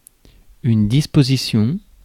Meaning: 1. arrangement; layout 2. disposal; the ability or authority to use something 3. step; arrangement; measure 4. disposition; tendency 5. provision; clause
- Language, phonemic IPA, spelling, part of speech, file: French, /dis.po.zi.sjɔ̃/, disposition, noun, Fr-disposition.ogg